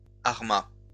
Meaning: second-person singular past historic of armer
- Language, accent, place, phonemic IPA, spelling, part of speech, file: French, France, Lyon, /aʁ.ma/, armas, verb, LL-Q150 (fra)-armas.wav